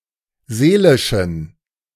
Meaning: inflection of seelisch: 1. strong genitive masculine/neuter singular 2. weak/mixed genitive/dative all-gender singular 3. strong/weak/mixed accusative masculine singular 4. strong dative plural
- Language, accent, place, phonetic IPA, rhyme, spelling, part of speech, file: German, Germany, Berlin, [ˈzeːlɪʃn̩], -eːlɪʃn̩, seelischen, adjective, De-seelischen.ogg